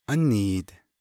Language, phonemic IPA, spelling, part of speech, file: Navajo, /ʔɑ́nìːt/, ániid, adjective, Nv-ániid.ogg
- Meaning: it is new, recent, young, fresh